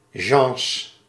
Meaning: plural of Jean
- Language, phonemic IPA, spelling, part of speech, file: Dutch, /ʒɑ̃s/, Jeans, proper noun, Nl-Jeans.ogg